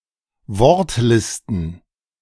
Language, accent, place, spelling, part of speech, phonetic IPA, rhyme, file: German, Germany, Berlin, Wortlisten, noun, [ˈvɔʁtˌlɪstn̩], -ɔʁtlɪstn̩, De-Wortlisten.ogg
- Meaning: plural of Wortliste